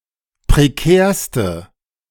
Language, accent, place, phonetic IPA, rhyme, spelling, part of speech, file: German, Germany, Berlin, [pʁeˈkɛːɐ̯stə], -ɛːɐ̯stə, prekärste, adjective, De-prekärste.ogg
- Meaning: inflection of prekär: 1. strong/mixed nominative/accusative feminine singular superlative degree 2. strong nominative/accusative plural superlative degree